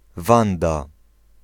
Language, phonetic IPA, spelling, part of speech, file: Polish, [ˈvãnda], Wanda, proper noun, Pl-Wanda.ogg